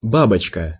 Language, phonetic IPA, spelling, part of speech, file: Russian, [ˈbabət͡ɕkə], бабочка, noun, Ru-бабочка.ogg
- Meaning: 1. butterfly 2. bowtie 3. feisty, spirited woman 4. prostitute, hooker